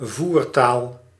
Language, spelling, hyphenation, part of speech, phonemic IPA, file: Dutch, voertaal, voer‧taal, noun, /ˈvur.taːl/, Nl-voertaal.ogg
- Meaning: language of exchange, working language